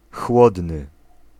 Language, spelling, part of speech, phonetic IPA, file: Polish, chłodny, adjective, [ˈxwɔdnɨ], Pl-chłodny.ogg